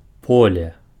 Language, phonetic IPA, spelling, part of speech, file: Belarusian, [ˈpolʲe], поле, noun, Be-поле.ogg
- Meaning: field